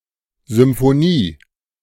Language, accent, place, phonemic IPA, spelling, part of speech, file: German, Germany, Berlin, /zʏmfoˈniː/, Symphonie, noun, De-Symphonie.ogg
- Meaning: symphony